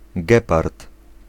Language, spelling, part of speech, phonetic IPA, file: Polish, gepard, noun, [ˈɡɛpart], Pl-gepard.ogg